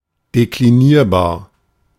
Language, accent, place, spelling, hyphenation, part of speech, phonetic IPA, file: German, Germany, Berlin, deklinierbar, de‧kli‧nier‧bar, adjective, [dekliˈniːɐ̯baːɐ̯], De-deklinierbar.ogg
- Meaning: declinable